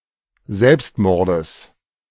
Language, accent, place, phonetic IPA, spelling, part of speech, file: German, Germany, Berlin, [ˈzɛlpstˌmɔʁdəs], Selbstmordes, noun, De-Selbstmordes.ogg
- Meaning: genitive singular of Selbstmord